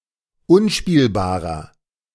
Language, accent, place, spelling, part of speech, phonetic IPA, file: German, Germany, Berlin, unspielbarer, adjective, [ˈʊnˌʃpiːlbaːʁɐ], De-unspielbarer.ogg
- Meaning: inflection of unspielbar: 1. strong/mixed nominative masculine singular 2. strong genitive/dative feminine singular 3. strong genitive plural